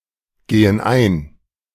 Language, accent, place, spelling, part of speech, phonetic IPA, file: German, Germany, Berlin, gehen ein, verb, [ˌɡeːən ˈaɪ̯n], De-gehen ein.ogg
- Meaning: inflection of eingehen: 1. first/third-person plural present 2. first/third-person plural subjunctive I